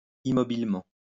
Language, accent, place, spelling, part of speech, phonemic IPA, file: French, France, Lyon, immobilement, adverb, /i.mɔ.bil.mɑ̃/, LL-Q150 (fra)-immobilement.wav
- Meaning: immovably